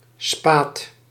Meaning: spar
- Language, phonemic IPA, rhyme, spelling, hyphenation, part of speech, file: Dutch, /spaːt/, -aːt, spaat, spaat, noun, Nl-spaat.ogg